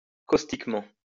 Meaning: caustically
- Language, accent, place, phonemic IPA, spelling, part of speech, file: French, France, Lyon, /kos.tik.mɑ̃/, caustiquement, adverb, LL-Q150 (fra)-caustiquement.wav